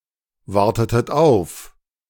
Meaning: inflection of aufwarten: 1. second-person plural preterite 2. second-person plural subjunctive II
- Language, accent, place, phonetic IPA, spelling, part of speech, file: German, Germany, Berlin, [ˌvaʁtətət ˈaʊ̯f], wartetet auf, verb, De-wartetet auf.ogg